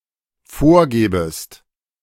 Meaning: second-person singular dependent subjunctive II of vorgeben
- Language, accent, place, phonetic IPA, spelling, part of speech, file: German, Germany, Berlin, [ˈfoːɐ̯ˌɡɛːbəst], vorgäbest, verb, De-vorgäbest.ogg